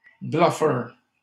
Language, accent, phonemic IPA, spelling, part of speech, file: French, Canada, /blœ.fœʁ/, bluffeur, noun, LL-Q150 (fra)-bluffeur.wav
- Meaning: bluffer (one who bluffs)